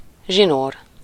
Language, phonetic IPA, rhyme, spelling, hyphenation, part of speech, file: Hungarian, [ˈʒinoːr], -oːr, zsinór, zsi‧nór, noun, Hu-zsinór.ogg
- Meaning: 1. string 2. cord